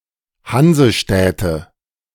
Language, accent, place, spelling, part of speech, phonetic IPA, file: German, Germany, Berlin, Hansestädte, noun, [ˈhanzəˌʃtɛtə], De-Hansestädte.ogg
- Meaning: nominative/accusative/genitive plural of Hansestadt